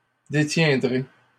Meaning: second-person plural simple future of détenir
- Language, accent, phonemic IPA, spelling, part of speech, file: French, Canada, /de.tjɛ̃.dʁe/, détiendrez, verb, LL-Q150 (fra)-détiendrez.wav